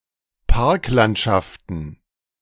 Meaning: plural of Parklandschaft
- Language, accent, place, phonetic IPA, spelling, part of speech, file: German, Germany, Berlin, [ˈpaʁkˌlantʃaftn̩], Parklandschaften, noun, De-Parklandschaften.ogg